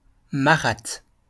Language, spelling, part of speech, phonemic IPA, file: French, marathe, noun, /ma.ʁat/, LL-Q150 (fra)-marathe.wav
- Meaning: Marathi, the Marathi language